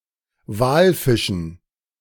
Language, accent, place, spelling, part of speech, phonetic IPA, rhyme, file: German, Germany, Berlin, Walfischen, noun, [ˈvaːlˌfɪʃn̩], -aːlfɪʃn̩, De-Walfischen.ogg
- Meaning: dative plural of Walfisch